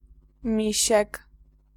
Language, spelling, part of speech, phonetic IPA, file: Polish, misiek, noun, [ˈmʲiɕɛk], Pl-misiek.ogg